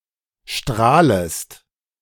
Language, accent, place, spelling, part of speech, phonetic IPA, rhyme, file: German, Germany, Berlin, strahlest, verb, [ˈʃtʁaːləst], -aːləst, De-strahlest.ogg
- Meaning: second-person singular subjunctive I of strahlen